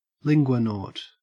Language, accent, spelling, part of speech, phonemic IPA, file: English, Australia, linguanaut, noun, /ˈlɪnɡwənɔːt/, En-au-linguanaut.ogg
- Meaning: Someone who is passionate about languages